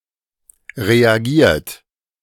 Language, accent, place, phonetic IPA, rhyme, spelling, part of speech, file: German, Germany, Berlin, [ʁeaˈɡiːɐ̯t], -iːɐ̯t, reagiert, verb, De-reagiert.ogg
- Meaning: 1. past participle of reagieren 2. inflection of reagieren: third-person singular present 3. inflection of reagieren: second-person plural present 4. inflection of reagieren: plural imperative